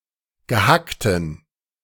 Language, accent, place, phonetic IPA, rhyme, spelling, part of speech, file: German, Germany, Berlin, [ɡəˈhaktn̩], -aktn̩, Gehackten, noun, De-Gehackten.ogg
- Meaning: inflection of Gehacktes: 1. strong genitive singular 2. mixed genitive/dative singular 3. weak genitive/dative singular